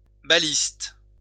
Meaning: 1. ballista 2. triggerfish
- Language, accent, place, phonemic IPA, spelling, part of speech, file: French, France, Lyon, /ba.list/, baliste, noun, LL-Q150 (fra)-baliste.wav